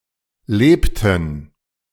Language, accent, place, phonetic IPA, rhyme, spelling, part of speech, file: German, Germany, Berlin, [ˈleːptn̩], -eːptn̩, lebten, verb, De-lebten.ogg
- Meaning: inflection of leben: 1. first/third-person plural preterite 2. first/third-person plural subjunctive II